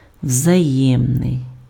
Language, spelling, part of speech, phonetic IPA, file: Ukrainian, взаємний, adjective, [wzɐˈjɛmnei̯], Uk-взаємний.ogg
- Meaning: mutual, reciprocal